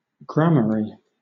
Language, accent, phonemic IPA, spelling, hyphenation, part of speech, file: English, Southern England, /ˈɡɹæməɹi/, Gramarye, Gra‧ma‧rye, proper noun, LL-Q1860 (eng)-Gramarye.wav
- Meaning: The island of Britain